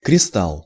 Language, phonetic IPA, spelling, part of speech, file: Russian, [krʲɪˈstaɫ], кристалл, noun, Ru-кристалл.ogg
- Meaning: 1. crystal (a solid composed of an array of atoms with a periodic structure) 2. chip, silicon wafer (integrated circuit)